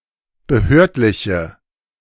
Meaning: inflection of behördlich: 1. strong/mixed nominative/accusative feminine singular 2. strong nominative/accusative plural 3. weak nominative all-gender singular
- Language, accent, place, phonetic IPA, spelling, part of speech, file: German, Germany, Berlin, [bəˈhøːɐ̯tlɪçə], behördliche, adjective, De-behördliche.ogg